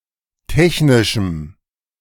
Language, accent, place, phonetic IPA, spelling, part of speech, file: German, Germany, Berlin, [ˈtɛçnɪʃm̩], technischem, adjective, De-technischem.ogg
- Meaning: strong dative masculine/neuter singular of technisch